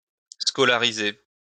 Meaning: to send to school
- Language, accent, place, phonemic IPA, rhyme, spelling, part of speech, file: French, France, Lyon, /skɔ.la.ʁi.ze/, -e, scolariser, verb, LL-Q150 (fra)-scolariser.wav